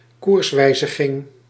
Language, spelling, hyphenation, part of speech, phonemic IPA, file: Dutch, koerswijziging, koers‧wij‧zi‧ging, noun, /ˈkursˌʋɛi̯.zə.ɣɪŋ/, Nl-koerswijziging.ogg
- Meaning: course correction, change in course (directional)